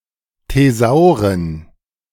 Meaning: plural of Thesaurus
- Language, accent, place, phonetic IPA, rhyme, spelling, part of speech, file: German, Germany, Berlin, [teˈzaʊ̯ʁən], -aʊ̯ʁən, Thesauren, noun, De-Thesauren.ogg